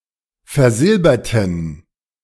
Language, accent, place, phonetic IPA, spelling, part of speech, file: German, Germany, Berlin, [fɛɐ̯ˈzɪlbɐtn̩], versilberten, adjective / verb, De-versilberten.ogg
- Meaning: inflection of versilbert: 1. strong genitive masculine/neuter singular 2. weak/mixed genitive/dative all-gender singular 3. strong/weak/mixed accusative masculine singular 4. strong dative plural